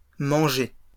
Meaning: plural of manger
- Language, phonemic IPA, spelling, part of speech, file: French, /mɑ̃.ʒe/, mangers, noun, LL-Q150 (fra)-mangers.wav